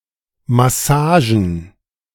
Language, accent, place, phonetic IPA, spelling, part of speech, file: German, Germany, Berlin, [maˈsaːʒən], Massagen, noun, De-Massagen.ogg
- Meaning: plural of Massage